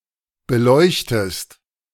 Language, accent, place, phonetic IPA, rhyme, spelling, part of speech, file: German, Germany, Berlin, [bəˈlɔɪ̯çtəst], -ɔɪ̯çtəst, beleuchtest, verb, De-beleuchtest.ogg
- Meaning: inflection of beleuchten: 1. second-person singular present 2. second-person singular subjunctive I